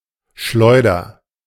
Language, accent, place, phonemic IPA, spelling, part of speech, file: German, Germany, Berlin, /ˈʃlɔɪ̯dɐ/, Schleuder, noun, De-Schleuder.ogg
- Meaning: 1. sling, slingshot 2. catapult 3. crate (unreliable vehicle)